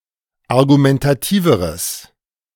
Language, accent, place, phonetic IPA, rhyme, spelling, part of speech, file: German, Germany, Berlin, [aʁɡumɛntaˈtiːvəʁəs], -iːvəʁəs, argumentativeres, adjective, De-argumentativeres.ogg
- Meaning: strong/mixed nominative/accusative neuter singular comparative degree of argumentativ